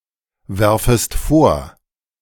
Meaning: second-person singular subjunctive I of vorwerfen
- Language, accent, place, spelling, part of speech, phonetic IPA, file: German, Germany, Berlin, werfest vor, verb, [ˌvɛʁfəst ˈfoːɐ̯], De-werfest vor.ogg